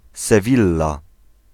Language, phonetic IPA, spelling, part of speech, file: Polish, [sɛˈvʲilːa], Sewilla, proper noun, Pl-Sewilla.ogg